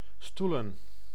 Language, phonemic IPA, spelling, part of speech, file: Dutch, /ˈstu.lə(n)/, stoelen, verb / noun, Nl-stoelen.ogg
- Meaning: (verb) 1. To rest, be based/ founded, on something (such as an argumentation) 2. to form into a stool (stump); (noun) plural of stoel